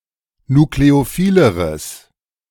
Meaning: strong/mixed nominative/accusative neuter singular comparative degree of nukleophil
- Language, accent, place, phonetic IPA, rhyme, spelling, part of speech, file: German, Germany, Berlin, [nukleoˈfiːləʁəs], -iːləʁəs, nukleophileres, adjective, De-nukleophileres.ogg